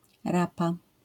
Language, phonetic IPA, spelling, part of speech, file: Polish, [ˈrapa], rapa, noun, LL-Q809 (pol)-rapa.wav